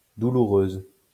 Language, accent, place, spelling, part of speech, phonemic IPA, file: French, France, Lyon, douloureuse, adjective / noun, /du.lu.ʁøz/, LL-Q150 (fra)-douloureuse.wav
- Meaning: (adjective) feminine singular of douloureux; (noun) the bill